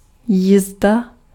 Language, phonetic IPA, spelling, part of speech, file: Czech, [ˈjiːzda], jízda, noun, Cs-jízda.ogg
- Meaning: 1. ride 2. cavalry